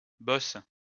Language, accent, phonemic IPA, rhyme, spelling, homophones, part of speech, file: French, France, /bɔs/, -ɔs, bosses, bosse, verb / noun, LL-Q150 (fra)-bosses.wav
- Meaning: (verb) second-person singular present indicative/subjunctive of bosser; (noun) 1. plural of bosse 2. plural of boss